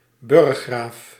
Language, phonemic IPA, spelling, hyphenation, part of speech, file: Dutch, /ˈbʏr.xraːf/, burggraaf, burg‧graaf, noun, Nl-burggraaf.ogg
- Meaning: 1. keeper of certain castles (and surrounding jurisdictions) 2. viscount, a peerage rank, below graaf (count)